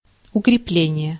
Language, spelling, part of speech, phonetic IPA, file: Russian, укрепление, noun, [ʊkrʲɪˈplʲenʲɪje], Ru-укрепление.ogg
- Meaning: 1. strengthening, consolidation, reinforcement 2. fortification, stockade